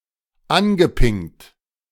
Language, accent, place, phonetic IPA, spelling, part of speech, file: German, Germany, Berlin, [ˈanɡəˌpɪŋt], angepingt, verb, De-angepingt.ogg
- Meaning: past participle of anpingen